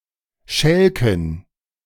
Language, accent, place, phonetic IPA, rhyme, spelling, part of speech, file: German, Germany, Berlin, [ˈʃɛlkn̩], -ɛlkn̩, Schälken, noun, De-Schälken.ogg
- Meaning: dative plural of Schalk